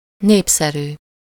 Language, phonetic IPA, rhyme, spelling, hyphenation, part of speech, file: Hungarian, [ˈneːpsɛryː], -ryː, népszerű, nép‧sze‧rű, adjective, Hu-népszerű.ogg
- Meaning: popular (beloved or approved by the people)